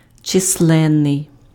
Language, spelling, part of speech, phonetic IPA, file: Ukrainian, численний, adjective, [t͡ʃesˈɫɛnːei̯], Uk-численний.ogg
- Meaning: numerous, multiple